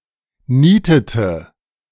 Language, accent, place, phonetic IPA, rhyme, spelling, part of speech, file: German, Germany, Berlin, [ˈniːtətə], -iːtətə, nietete, verb, De-nietete.ogg
- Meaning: inflection of nieten: 1. first/third-person singular preterite 2. first/third-person singular subjunctive II